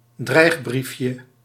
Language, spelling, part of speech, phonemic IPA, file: Dutch, dreigbriefje, noun, /ˈdrɛiɣbrifjə/, Nl-dreigbriefje.ogg
- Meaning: diminutive of dreigbrief